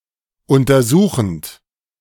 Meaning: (verb) present participle of untersuchen; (adjective) examining, probing, investigating
- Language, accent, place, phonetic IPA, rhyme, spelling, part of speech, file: German, Germany, Berlin, [ˌʊntɐˈzuːxn̩t], -uːxn̩t, untersuchend, verb, De-untersuchend.ogg